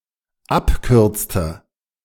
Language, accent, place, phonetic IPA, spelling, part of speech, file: German, Germany, Berlin, [ˈapˌkʏʁt͡stə], abkürzte, verb, De-abkürzte.ogg
- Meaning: inflection of abkürzen: 1. first/third-person singular dependent preterite 2. first/third-person singular dependent subjunctive II